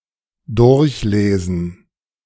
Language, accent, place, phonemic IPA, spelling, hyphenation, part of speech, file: German, Germany, Berlin, /ˈdʊʁçˌleːzn̩/, durchlesen, durch‧le‧sen, verb, De-durchlesen.ogg
- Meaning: 1. to read through 2. to peruse